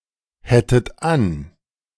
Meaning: second-person plural subjunctive II of anhaben
- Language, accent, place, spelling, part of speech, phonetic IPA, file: German, Germany, Berlin, hättet an, verb, [ˌhɛtət ˈan], De-hättet an.ogg